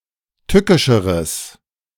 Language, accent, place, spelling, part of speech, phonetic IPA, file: German, Germany, Berlin, tückischeres, adjective, [ˈtʏkɪʃəʁəs], De-tückischeres.ogg
- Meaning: strong/mixed nominative/accusative neuter singular comparative degree of tückisch